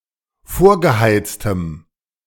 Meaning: strong dative masculine/neuter singular of vorgeheizt
- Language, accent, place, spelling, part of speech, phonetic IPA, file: German, Germany, Berlin, vorgeheiztem, adjective, [ˈfoːɐ̯ɡəˌhaɪ̯t͡stəm], De-vorgeheiztem.ogg